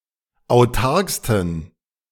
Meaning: 1. superlative degree of autark 2. inflection of autark: strong genitive masculine/neuter singular superlative degree
- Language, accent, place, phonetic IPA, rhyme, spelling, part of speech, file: German, Germany, Berlin, [aʊ̯ˈtaʁkstn̩], -aʁkstn̩, autarksten, adjective, De-autarksten.ogg